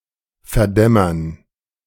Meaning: to fade
- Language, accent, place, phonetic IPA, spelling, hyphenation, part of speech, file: German, Germany, Berlin, [fɛɐ̯ˈdɛmɐn], verdämmern, ver‧däm‧mern, verb, De-verdämmern.ogg